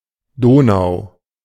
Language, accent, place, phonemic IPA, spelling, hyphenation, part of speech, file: German, Germany, Berlin, /ˈdoːnaʊ̯/, Donau, Do‧nau, proper noun, De-Donau.ogg